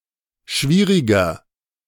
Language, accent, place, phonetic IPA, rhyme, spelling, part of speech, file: German, Germany, Berlin, [ˈʃviːʁɪɡɐ], -iːʁɪɡɐ, schwieriger, adjective, De-schwieriger.ogg
- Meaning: 1. comparative degree of schwierig 2. inflection of schwierig: strong/mixed nominative masculine singular 3. inflection of schwierig: strong genitive/dative feminine singular